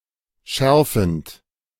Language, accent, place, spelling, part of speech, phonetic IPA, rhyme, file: German, Germany, Berlin, schärfend, verb, [ˈʃɛʁfn̩t], -ɛʁfn̩t, De-schärfend.ogg
- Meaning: present participle of schärfen